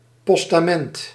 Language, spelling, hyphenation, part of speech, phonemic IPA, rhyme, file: Dutch, postament, pos‧ta‧ment, noun, /ˌpɔs.taːˈmɛnt/, -ɛnt, Nl-postament.ogg
- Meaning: pedestal of a pillar or statue